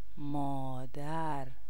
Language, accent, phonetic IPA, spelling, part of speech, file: Persian, Iran, [mɒː.d̪ǽɹ], مادر, noun, Fa-مادر.ogg
- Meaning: mother, mama